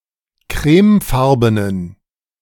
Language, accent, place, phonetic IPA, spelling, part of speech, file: German, Germany, Berlin, [ˈkʁɛːmˌfaʁbənən], crèmefarbenen, adjective, De-crèmefarbenen.ogg
- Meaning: inflection of crèmefarben: 1. strong genitive masculine/neuter singular 2. weak/mixed genitive/dative all-gender singular 3. strong/weak/mixed accusative masculine singular 4. strong dative plural